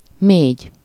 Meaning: alternative form of mész, second-person singular indicative present of megy (“to go”)
- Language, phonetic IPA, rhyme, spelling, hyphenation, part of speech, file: Hungarian, [ˈmeːɟ], -eːɟ, mégy, mégy, verb, Hu-mégy.ogg